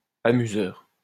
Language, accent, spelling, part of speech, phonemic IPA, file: French, France, amuseur, noun, /a.my.zœʁ/, LL-Q150 (fra)-amuseur.wav
- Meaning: 1. amuser 2. entertainer